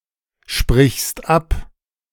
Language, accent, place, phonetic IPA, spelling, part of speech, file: German, Germany, Berlin, [ˌʃpʁɪçst ˈap], sprichst ab, verb, De-sprichst ab.ogg
- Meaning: second-person singular present of absprechen